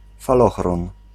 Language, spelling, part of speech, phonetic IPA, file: Polish, falochron, noun, [faˈlɔxrɔ̃n], Pl-falochron.ogg